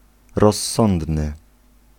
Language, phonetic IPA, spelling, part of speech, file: Polish, [rɔsˈːɔ̃ndnɨ], rozsądny, adjective, Pl-rozsądny.ogg